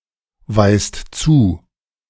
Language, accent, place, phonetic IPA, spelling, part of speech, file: German, Germany, Berlin, [ˌvaɪ̯st ˈt͡suː], weist zu, verb, De-weist zu.ogg
- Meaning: inflection of zuweisen: 1. second-person plural present 2. plural imperative